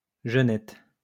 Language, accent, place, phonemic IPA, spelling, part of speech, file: French, France, Lyon, /ʒə.nɛt/, genette, noun, LL-Q150 (fra)-genette.wav
- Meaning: genet (mammal in genus Genetta)